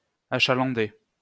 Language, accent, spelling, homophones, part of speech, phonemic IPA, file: French, France, achalander, achalandai / achalandé / achalandée / achalandées / achalandés / achalandez, verb, /a.ʃa.lɑ̃.de/, LL-Q150 (fra)-achalander.wav
- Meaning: to supply with clientele